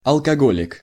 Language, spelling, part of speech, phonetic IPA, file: Russian, алкоголик, noun, [ɐɫkɐˈɡolʲɪk], Ru-алкоголик.ogg
- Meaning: alcoholic (a person addicted to alcohol)